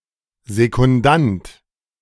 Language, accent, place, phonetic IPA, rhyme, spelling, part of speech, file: German, Germany, Berlin, [zekʊnˈdant], -ant, Sekundant, noun, De-Sekundant.ogg
- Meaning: 1. second (attendant of a duel or boxing match standing in for a contestant) 2. assistant